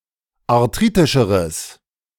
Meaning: strong/mixed nominative/accusative neuter singular comparative degree of arthritisch
- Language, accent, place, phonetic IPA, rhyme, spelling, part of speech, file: German, Germany, Berlin, [aʁˈtʁiːtɪʃəʁəs], -iːtɪʃəʁəs, arthritischeres, adjective, De-arthritischeres.ogg